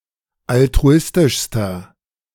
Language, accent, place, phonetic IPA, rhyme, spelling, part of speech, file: German, Germany, Berlin, [altʁuˈɪstɪʃstɐ], -ɪstɪʃstɐ, altruistischster, adjective, De-altruistischster.ogg
- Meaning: inflection of altruistisch: 1. strong/mixed nominative masculine singular superlative degree 2. strong genitive/dative feminine singular superlative degree 3. strong genitive plural superlative degree